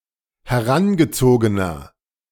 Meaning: inflection of herangezogen: 1. strong/mixed nominative masculine singular 2. strong genitive/dative feminine singular 3. strong genitive plural
- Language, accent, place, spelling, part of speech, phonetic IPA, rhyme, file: German, Germany, Berlin, herangezogener, adjective, [hɛˈʁanɡəˌt͡soːɡənɐ], -anɡət͡soːɡənɐ, De-herangezogener.ogg